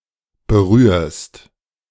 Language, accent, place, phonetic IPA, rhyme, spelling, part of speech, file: German, Germany, Berlin, [bəˈʁyːɐ̯st], -yːɐ̯st, berührst, verb, De-berührst.ogg
- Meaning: second-person singular present of berühren